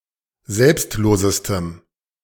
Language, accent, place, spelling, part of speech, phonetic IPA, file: German, Germany, Berlin, selbstlosestem, adjective, [ˈzɛlpstˌloːzəstəm], De-selbstlosestem.ogg
- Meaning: strong dative masculine/neuter singular superlative degree of selbstlos